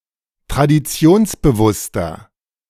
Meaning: 1. comparative degree of traditionsbewusst 2. inflection of traditionsbewusst: strong/mixed nominative masculine singular 3. inflection of traditionsbewusst: strong genitive/dative feminine singular
- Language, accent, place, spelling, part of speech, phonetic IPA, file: German, Germany, Berlin, traditionsbewusster, adjective, [tʁadiˈt͡si̯oːnsbəˌvʊstɐ], De-traditionsbewusster.ogg